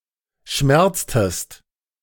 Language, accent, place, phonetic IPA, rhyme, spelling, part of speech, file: German, Germany, Berlin, [ˈʃmɛʁt͡stəst], -ɛʁt͡stəst, schmerztest, verb, De-schmerztest.ogg
- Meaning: inflection of schmerzen: 1. second-person singular preterite 2. second-person singular subjunctive II